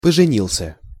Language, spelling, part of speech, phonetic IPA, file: Russian, поженился, verb, [pəʐɨˈnʲiɫs⁽ʲ⁾ə], Ru-поженился.ogg
- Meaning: masculine singular past indicative perfective of пожени́ться (poženítʹsja)